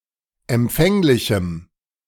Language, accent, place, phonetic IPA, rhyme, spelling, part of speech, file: German, Germany, Berlin, [ɛmˈp͡fɛŋlɪçm̩], -ɛŋlɪçm̩, empfänglichem, adjective, De-empfänglichem.ogg
- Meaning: strong dative masculine/neuter singular of empfänglich